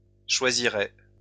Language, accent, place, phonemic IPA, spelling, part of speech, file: French, France, Lyon, /ʃwa.zi.ʁɛ/, choisirait, verb, LL-Q150 (fra)-choisirait.wav
- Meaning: third-person singular conditional of choisir